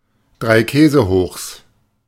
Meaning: 1. plural of Dreikäsehoch 2. genitive singular of Dreikäsehoch
- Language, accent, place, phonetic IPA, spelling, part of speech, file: German, Germany, Berlin, [dʁaɪ̯ˈkɛːzəhoːxs], Dreikäsehochs, noun, De-Dreikäsehochs.ogg